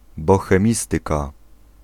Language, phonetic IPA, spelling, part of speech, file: Polish, [ˌbɔxɛ̃ˈmʲistɨka], bohemistyka, noun, Pl-bohemistyka.ogg